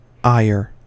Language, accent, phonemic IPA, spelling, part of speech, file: English, US, /aɪ.ɚ/, ire, noun / verb, En-us-ire.ogg
- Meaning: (noun) 1. Iron 2. Great anger; wrath; keen resentment; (verb) To anger, to irritate